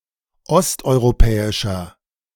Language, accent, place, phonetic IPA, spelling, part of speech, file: German, Germany, Berlin, [ˈɔstʔɔɪ̯ʁoˌpɛːɪʃɐ], osteuropäischer, adjective, De-osteuropäischer.ogg
- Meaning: inflection of osteuropäisch: 1. strong/mixed nominative masculine singular 2. strong genitive/dative feminine singular 3. strong genitive plural